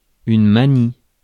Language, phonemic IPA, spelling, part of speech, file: French, /ma.ni/, manie, noun / verb, Fr-manie.ogg
- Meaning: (noun) 1. mania 2. habit; idiosyncrasy; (verb) inflection of manier: 1. first/third-person singular present indicative/subjunctive 2. second-person singular imperative